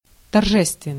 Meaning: 1. grand, stately 2. ceremonial, solemn 3. festive
- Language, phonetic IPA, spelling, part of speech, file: Russian, [tɐrˈʐɛstvʲɪn(ː)ɨj], торжественный, adjective, Ru-торжественный.ogg